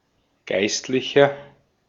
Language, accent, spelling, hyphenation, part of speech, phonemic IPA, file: German, Austria, Geistlicher, Geist‧li‧cher, noun, /ˈɡaɪ̯stlɪçɐ/, De-at-Geistlicher.ogg
- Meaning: 1. priest, clergyman, clergyperson, cleric (male or of unspecified gender) 2. inflection of Geistliche: strong genitive/dative singular 3. inflection of Geistliche: strong genitive plural